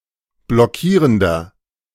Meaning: inflection of blockierend: 1. strong/mixed nominative masculine singular 2. strong genitive/dative feminine singular 3. strong genitive plural
- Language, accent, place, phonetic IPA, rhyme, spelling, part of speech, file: German, Germany, Berlin, [blɔˈkiːʁəndɐ], -iːʁəndɐ, blockierender, adjective, De-blockierender.ogg